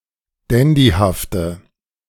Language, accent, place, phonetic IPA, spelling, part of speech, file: German, Germany, Berlin, [ˈdɛndihaftə], dandyhafte, adjective, De-dandyhafte.ogg
- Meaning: inflection of dandyhaft: 1. strong/mixed nominative/accusative feminine singular 2. strong nominative/accusative plural 3. weak nominative all-gender singular